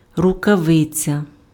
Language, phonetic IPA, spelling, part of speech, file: Ukrainian, [rʊkɐˈʋɪt͡sʲɐ], рукавиця, noun, Uk-рукавиця.ogg
- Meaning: mitten